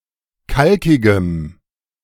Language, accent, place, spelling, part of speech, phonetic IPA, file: German, Germany, Berlin, kalkigem, adjective, [ˈkalkɪɡəm], De-kalkigem.ogg
- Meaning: strong dative masculine/neuter singular of kalkig